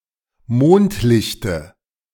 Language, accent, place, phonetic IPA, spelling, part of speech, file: German, Germany, Berlin, [ˈmoːntˌlɪçtə], Mondlichte, noun, De-Mondlichte.ogg
- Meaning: dative singular of Mondlicht